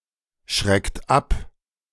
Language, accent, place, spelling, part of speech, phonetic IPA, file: German, Germany, Berlin, schreckt ab, verb, [ˌʃʁɛkt ˈap], De-schreckt ab.ogg
- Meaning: inflection of abschrecken: 1. second-person plural present 2. third-person singular present 3. plural imperative